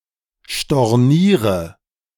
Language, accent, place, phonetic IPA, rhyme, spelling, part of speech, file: German, Germany, Berlin, [ʃtɔʁˈniːʁə], -iːʁə, storniere, verb, De-storniere.ogg
- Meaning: inflection of stornieren: 1. first-person singular present 2. first/third-person singular subjunctive I 3. singular imperative